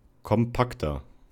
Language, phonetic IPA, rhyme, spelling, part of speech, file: German, [kɔmˈpaktɐ], -aktɐ, kompakter, adjective, De-kompakter.ogg
- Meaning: 1. comparative degree of kompakt 2. inflection of kompakt: strong/mixed nominative masculine singular 3. inflection of kompakt: strong genitive/dative feminine singular